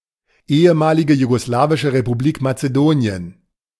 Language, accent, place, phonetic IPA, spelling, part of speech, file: German, Germany, Berlin, [ˈeːəˌmaːlɪɡə juɡoˈslaːvɪʃə ʁepuˈbliːk mat͡səˈdoːni̯ən], ehemalige jugoslawische Republik Mazedonien, proper noun, De-ehemalige jugoslawische Republik Mazedonien.ogg